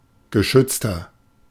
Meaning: 1. comparative degree of geschützt 2. inflection of geschützt: strong/mixed nominative masculine singular 3. inflection of geschützt: strong genitive/dative feminine singular
- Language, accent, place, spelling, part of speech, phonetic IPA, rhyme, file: German, Germany, Berlin, geschützter, adjective, [ɡəˈʃʏt͡stɐ], -ʏt͡stɐ, De-geschützter.ogg